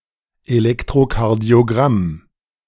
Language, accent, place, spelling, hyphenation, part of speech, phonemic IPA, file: German, Germany, Berlin, Elektrokardiogramm, Elek‧t‧ro‧kar‧dio‧gramm, noun, /eˌlɛktʁokaʁdi̯oˌɡʁam/, De-Elektrokardiogramm.ogg
- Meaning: electrocardiogram